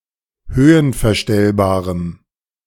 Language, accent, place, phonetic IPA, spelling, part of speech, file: German, Germany, Berlin, [ˈhøːənfɛɐ̯ˌʃtɛlbaːʁəm], höhenverstellbarem, adjective, De-höhenverstellbarem.ogg
- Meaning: strong dative masculine/neuter singular of höhenverstellbar